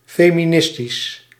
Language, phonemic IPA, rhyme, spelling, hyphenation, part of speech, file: Dutch, /ˌfeː.miˈnɪs.tis/, -ɪstis, feministisch, fe‧mi‧nis‧tisch, adjective, Nl-feministisch.ogg
- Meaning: feminist